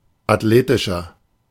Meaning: 1. comparative degree of athletisch 2. inflection of athletisch: strong/mixed nominative masculine singular 3. inflection of athletisch: strong genitive/dative feminine singular
- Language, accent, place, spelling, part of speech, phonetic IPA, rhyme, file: German, Germany, Berlin, athletischer, adjective, [atˈleːtɪʃɐ], -eːtɪʃɐ, De-athletischer.ogg